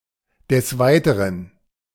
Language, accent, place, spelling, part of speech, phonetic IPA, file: German, Germany, Berlin, des Weiteren, phrase, [dəs ˈvaɪ̯təʁən], De-des Weiteren.ogg
- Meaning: alternative form of des weiteren